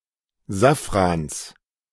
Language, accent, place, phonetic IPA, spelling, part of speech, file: German, Germany, Berlin, [ˈzafʁans], Safrans, noun, De-Safrans.ogg
- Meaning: genitive singular of Safran